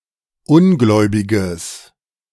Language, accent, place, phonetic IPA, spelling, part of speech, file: German, Germany, Berlin, [ˈʊnˌɡlɔɪ̯bɪɡəs], ungläubiges, adjective, De-ungläubiges.ogg
- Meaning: strong/mixed nominative/accusative neuter singular of ungläubig